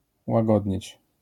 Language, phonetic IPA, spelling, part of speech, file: Polish, [waˈɡɔdʲɲɛ̇t͡ɕ], łagodnieć, verb, LL-Q809 (pol)-łagodnieć.wav